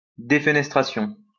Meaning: defenestration (act of throwing out a window)
- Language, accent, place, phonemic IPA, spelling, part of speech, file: French, France, Lyon, /de.fə.nɛs.tʁa.sjɔ̃/, défenestration, noun, LL-Q150 (fra)-défenestration.wav